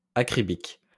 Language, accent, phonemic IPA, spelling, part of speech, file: French, France, /a.kʁi.bik/, acribique, adjective, LL-Q150 (fra)-acribique.wav
- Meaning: 1. immaculate 2. fastidious